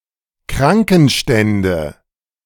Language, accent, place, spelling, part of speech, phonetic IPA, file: German, Germany, Berlin, Krankenstände, noun, [ˈkʁaŋkn̩ˌʃtɛndə], De-Krankenstände.ogg
- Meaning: nominative/accusative/genitive plural of Krankenstand